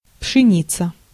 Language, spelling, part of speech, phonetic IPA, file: Russian, пшеница, noun, [pʂɨˈnʲit͡sə], Ru-пшеница.ogg
- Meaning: wheat